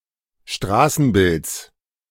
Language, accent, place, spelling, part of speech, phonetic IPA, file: German, Germany, Berlin, Straßenbilds, noun, [ˈʃtʁaːsn̩ˌbɪlt͡s], De-Straßenbilds.ogg
- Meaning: genitive singular of Straßenbild